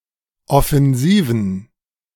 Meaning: inflection of offensiv: 1. strong genitive masculine/neuter singular 2. weak/mixed genitive/dative all-gender singular 3. strong/weak/mixed accusative masculine singular 4. strong dative plural
- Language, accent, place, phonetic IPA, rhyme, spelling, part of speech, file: German, Germany, Berlin, [ɔfɛnˈziːvn̩], -iːvn̩, offensiven, adjective, De-offensiven.ogg